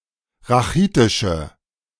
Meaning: inflection of rachitisch: 1. strong/mixed nominative/accusative feminine singular 2. strong nominative/accusative plural 3. weak nominative all-gender singular
- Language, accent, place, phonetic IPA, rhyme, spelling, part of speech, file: German, Germany, Berlin, [ʁaˈxiːtɪʃə], -iːtɪʃə, rachitische, adjective, De-rachitische.ogg